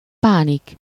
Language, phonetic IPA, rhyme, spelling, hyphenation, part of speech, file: Hungarian, [ˈpaːnik], -ik, pánik, pá‧nik, noun, Hu-pánik.ogg
- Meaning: panic